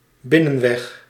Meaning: a secondary or side road that is often used as a shortcut to circumvent traffic
- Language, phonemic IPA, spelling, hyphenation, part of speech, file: Dutch, /ˈbɪ.nə(n)ˌʋɛx/, binnenweg, bin‧nen‧weg, noun, Nl-binnenweg.ogg